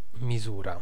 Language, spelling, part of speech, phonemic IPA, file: Italian, misura, noun / verb, /miˈzura/, It-misura.ogg